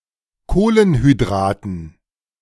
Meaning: dative plural of Kohlenhydrat
- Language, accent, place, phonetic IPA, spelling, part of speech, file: German, Germany, Berlin, [ˈkoːlənhyˌdʁaːtn̩], Kohlenhydraten, noun, De-Kohlenhydraten.ogg